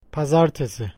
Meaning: Monday
- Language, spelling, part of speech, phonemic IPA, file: Turkish, pazartesi, noun, /paˈzaɾ.te.si/, Tr-pazartesi.ogg